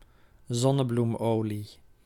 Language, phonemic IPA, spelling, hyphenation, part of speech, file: Dutch, /ˈzɔ.nə.blumˌoː.li/, zonnebloemolie, zon‧ne‧bloem‧olie, noun, Nl-zonnebloemolie.ogg
- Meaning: sunflower oil